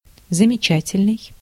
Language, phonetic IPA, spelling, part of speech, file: Russian, [zəmʲɪˈt͡ɕætʲɪlʲnɨj], замечательный, adjective, Ru-замечательный.ogg
- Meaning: 1. remarkable, outstanding, marvellous, wonderful 2. notable